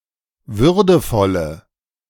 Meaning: inflection of würdevoll: 1. strong/mixed nominative/accusative feminine singular 2. strong nominative/accusative plural 3. weak nominative all-gender singular
- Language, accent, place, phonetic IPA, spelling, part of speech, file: German, Germany, Berlin, [ˈvʏʁdəfɔlə], würdevolle, adjective, De-würdevolle.ogg